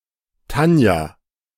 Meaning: a female given name, popular popular especially in the 1970s and 1980s
- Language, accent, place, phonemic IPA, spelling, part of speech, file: German, Germany, Berlin, /ˈtanja/, Tanja, proper noun, De-Tanja.ogg